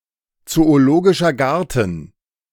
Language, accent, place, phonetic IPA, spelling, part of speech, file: German, Germany, Berlin, [t͡soːoˌloːɡɪʃɐ ˈɡaʁtn̩], zoologischer Garten, phrase, De-zoologischer Garten.ogg
- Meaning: zoological garden